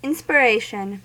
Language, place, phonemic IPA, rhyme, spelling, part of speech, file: English, California, /ˌɪn.spɚˈeɪ.ʃən/, -eɪʃən, inspiration, noun, En-us-inspiration.ogg
- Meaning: 1. The drawing of air into the lungs, accomplished in mammals by elevation of the chest walls and flattening of the diaphragm, as part of the act of breathing 2. A single inward breath (intake of air)